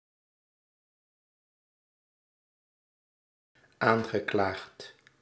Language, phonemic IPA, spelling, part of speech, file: Dutch, /ˈaŋɣəˌklaxt/, aangeklaagd, verb, Nl-aangeklaagd.ogg
- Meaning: past participle of aanklagen